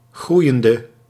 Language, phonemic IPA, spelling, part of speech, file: Dutch, /ˈɣrujəndə/, groeiende, adjective / verb, Nl-groeiende.ogg
- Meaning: inflection of groeiend: 1. masculine/feminine singular attributive 2. definite neuter singular attributive 3. plural attributive